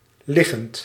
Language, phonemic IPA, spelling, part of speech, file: Dutch, /ˈlɪɣənt/, liggend, verb / adjective, Nl-liggend.ogg
- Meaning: present participle of liggen